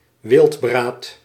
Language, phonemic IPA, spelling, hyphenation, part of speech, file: Dutch, /ˈʋɪlt.braːt/, wildbraad, wild‧braad, noun, Nl-wildbraad.ogg
- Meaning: prepared game meat